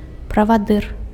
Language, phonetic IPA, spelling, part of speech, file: Belarusian, [pravaˈdɨr], правадыр, noun, Be-правадыр.ogg
- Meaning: 1. chief, leader 2. guide, conductor 3. conductor